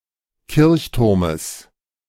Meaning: genitive singular of Kirchturm
- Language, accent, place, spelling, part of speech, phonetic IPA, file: German, Germany, Berlin, Kirchturmes, noun, [ˈkɪʁçˌtʊʁməs], De-Kirchturmes.ogg